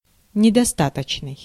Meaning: insufficient
- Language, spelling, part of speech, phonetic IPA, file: Russian, недостаточный, adjective, [nʲɪdɐˈstatət͡ɕnɨj], Ru-недостаточный.ogg